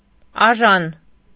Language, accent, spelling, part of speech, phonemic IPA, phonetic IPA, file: Armenian, Eastern Armenian, աժան, adjective / adverb, /ɑˈʒɑn/, [ɑʒɑ́n], Hy-աժան.ogg
- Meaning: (adjective) alternative form of էժան (ēžan)